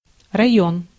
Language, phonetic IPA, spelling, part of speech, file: Russian, [rɐˈjɵn], район, noun, Ru-район.ogg
- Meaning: 1. district 2. region, area